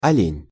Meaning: 1. deer 2. buck, stag (male deer) 3. dimwit, fool, narrow-minded individual
- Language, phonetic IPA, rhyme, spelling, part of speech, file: Russian, [ɐˈlʲenʲ], -enʲ, олень, noun, Ru-олень.ogg